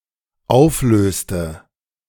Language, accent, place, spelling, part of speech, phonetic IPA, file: German, Germany, Berlin, auflöste, verb, [ˈaʊ̯fˌløːstə], De-auflöste.ogg
- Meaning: inflection of auflösen: 1. first/third-person singular dependent preterite 2. first/third-person singular dependent subjunctive II